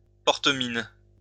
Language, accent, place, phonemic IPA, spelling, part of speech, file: French, France, Lyon, /pɔʁ.t(ə).min/, porte-mine, noun, LL-Q150 (fra)-porte-mine.wav
- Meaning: mechanical pencil